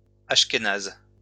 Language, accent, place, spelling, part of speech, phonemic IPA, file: French, France, Lyon, ashkénaze, adjective / noun, /aʃ.ke.naz/, LL-Q150 (fra)-ashkénaze.wav
- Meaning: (adjective) Ashkenazi